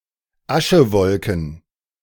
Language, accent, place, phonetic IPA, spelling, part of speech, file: German, Germany, Berlin, [ˈaʃəˌvɔlkn̩], Aschewolken, noun, De-Aschewolken.ogg
- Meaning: plural of Aschewolke